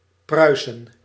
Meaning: Prussia (a geographical area on the Baltic coast of Northeast Europe)
- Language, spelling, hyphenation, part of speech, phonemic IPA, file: Dutch, Pruisen, Prui‧sen, proper noun, /ˈprœy̯.sə(n)/, Nl-Pruisen.ogg